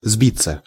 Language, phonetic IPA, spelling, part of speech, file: Russian, [ˈzbʲit͡sːə], сбиться, verb, Ru-сбиться.ogg
- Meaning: 1. to get off 2. to be aberrant 3. to go afield 4. to go astray 5. to be errant, to stray 6. passive of сбить (sbitʹ)